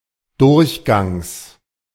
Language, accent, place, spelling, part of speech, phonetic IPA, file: German, Germany, Berlin, Durchgangs, noun, [ˈdʊʁçˌɡaŋs], De-Durchgangs.ogg
- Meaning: genitive singular of Durchgang